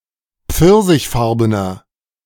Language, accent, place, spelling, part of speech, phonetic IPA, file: German, Germany, Berlin, pfirsichfarbener, adjective, [ˈp͡fɪʁzɪçˌfaʁbənɐ], De-pfirsichfarbener.ogg
- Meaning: inflection of pfirsichfarben: 1. strong/mixed nominative masculine singular 2. strong genitive/dative feminine singular 3. strong genitive plural